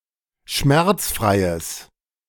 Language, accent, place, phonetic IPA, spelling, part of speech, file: German, Germany, Berlin, [ˈʃmɛʁt͡sˌfʁaɪ̯əs], schmerzfreies, adjective, De-schmerzfreies.ogg
- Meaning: strong/mixed nominative/accusative neuter singular of schmerzfrei